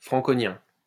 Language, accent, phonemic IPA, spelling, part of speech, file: French, France, /fʁɑ̃.kɔ.njɛ̃/, franconien, adjective / noun, LL-Q150 (fra)-franconien.wav
- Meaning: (adjective) 1. of the Franks or their empire; Franconian, Frankish 2. of the Franconcian languages; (noun) Frankish (language)